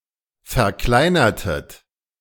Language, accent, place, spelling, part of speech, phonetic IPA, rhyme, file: German, Germany, Berlin, verkleinertet, verb, [fɛɐ̯ˈklaɪ̯nɐtət], -aɪ̯nɐtət, De-verkleinertet.ogg
- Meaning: inflection of verkleinern: 1. second-person plural preterite 2. second-person plural subjunctive II